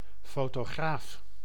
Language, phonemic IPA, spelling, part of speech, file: Dutch, /ˌfotoˈɣraf/, fotograaf, noun, Nl-fotograaf.ogg
- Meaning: photographer